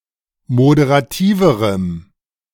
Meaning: strong dative masculine/neuter singular comparative degree of moderativ
- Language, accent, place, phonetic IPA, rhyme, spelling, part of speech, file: German, Germany, Berlin, [modeʁaˈtiːvəʁəm], -iːvəʁəm, moderativerem, adjective, De-moderativerem.ogg